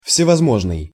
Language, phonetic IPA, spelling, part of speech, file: Russian, [fsʲɪvɐzˈmoʐnɨj], всевозможный, adjective, Ru-всевозможный.ogg
- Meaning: various, of all kinds